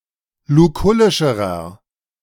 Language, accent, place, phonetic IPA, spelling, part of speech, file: German, Germany, Berlin, [luˈkʊlɪʃəʁɐ], lukullischerer, adjective, De-lukullischerer.ogg
- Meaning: inflection of lukullisch: 1. strong/mixed nominative masculine singular comparative degree 2. strong genitive/dative feminine singular comparative degree 3. strong genitive plural comparative degree